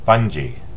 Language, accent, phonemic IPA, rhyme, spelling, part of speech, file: English, US, /ˈbʌn.d͡ʒi/, -ʌndʒi, bungee, noun / verb, En-us-bungee.ogg
- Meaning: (noun) 1. An elastic fabric-bound strap with a hook at each end, used for securing luggage 2. An elastic cord tied to the ankles of the jumper in bungee jumping 3. A rubber eraser